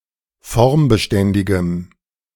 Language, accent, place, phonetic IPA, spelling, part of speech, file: German, Germany, Berlin, [ˈfɔʁmbəˌʃtɛndɪɡəm], formbeständigem, adjective, De-formbeständigem.ogg
- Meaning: strong dative masculine/neuter singular of formbeständig